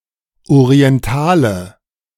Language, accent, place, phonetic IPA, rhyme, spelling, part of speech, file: German, Germany, Berlin, [oʁiɛnˈtaːlə], -aːlə, Orientale, noun, De-Orientale.ogg
- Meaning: man from the Middle East, Oriental